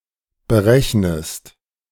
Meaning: inflection of berechnen: 1. second-person singular present 2. second-person singular subjunctive I
- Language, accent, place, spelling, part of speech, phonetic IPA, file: German, Germany, Berlin, berechnest, verb, [bəˈʁɛçnəst], De-berechnest.ogg